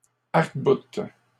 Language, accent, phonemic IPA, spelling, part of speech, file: French, Canada, /aʁk.but/, arcboutes, verb, LL-Q150 (fra)-arcboutes.wav
- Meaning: second-person singular present indicative/subjunctive of arcbouter